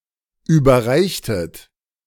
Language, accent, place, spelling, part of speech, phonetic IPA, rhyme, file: German, Germany, Berlin, überreichtet, verb, [ˌyːbɐˈʁaɪ̯çtət], -aɪ̯çtət, De-überreichtet.ogg
- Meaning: inflection of überreichen: 1. second-person plural preterite 2. second-person plural subjunctive II